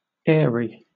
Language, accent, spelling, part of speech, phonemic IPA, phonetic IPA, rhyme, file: English, Southern England, airy, adjective, /ˈɛə.ɹi/, [ˈɛː.ɹi], -ɛəɹi, LL-Q1860 (eng)-airy.wav
- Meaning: 1. Consisting of air 2. Relating or belonging to air; high in air; aerial 3. Open to a free current of air; exposed to the air; breezy 4. Resembling air; thin; unsubstantial; not material; airlike